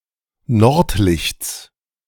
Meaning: genitive of Nordlicht
- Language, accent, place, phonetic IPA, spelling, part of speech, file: German, Germany, Berlin, [ˈnɔʁtˌlɪçt͡s], Nordlichts, noun, De-Nordlichts.ogg